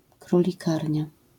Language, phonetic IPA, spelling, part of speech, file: Polish, [ˌkrulʲiˈkarʲɲa], królikarnia, noun, LL-Q809 (pol)-królikarnia.wav